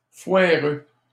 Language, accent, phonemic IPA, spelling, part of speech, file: French, Canada, /fwa.ʁø/, foireux, adjective, LL-Q150 (fra)-foireux.wav
- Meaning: 1. crappy 2. ineffective, half-baked